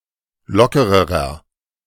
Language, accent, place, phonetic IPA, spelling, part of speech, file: German, Germany, Berlin, [ˈlɔkəʁəʁɐ], lockererer, adjective, De-lockererer.ogg
- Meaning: inflection of locker: 1. strong/mixed nominative masculine singular comparative degree 2. strong genitive/dative feminine singular comparative degree 3. strong genitive plural comparative degree